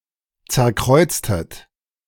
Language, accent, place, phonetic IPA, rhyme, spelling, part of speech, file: German, Germany, Berlin, [ˌt͡sɛɐ̯ˈkʁɔɪ̯t͡stət], -ɔɪ̯t͡stət, zerkreuztet, verb, De-zerkreuztet.ogg
- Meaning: inflection of zerkreuzen: 1. second-person plural preterite 2. second-person plural subjunctive II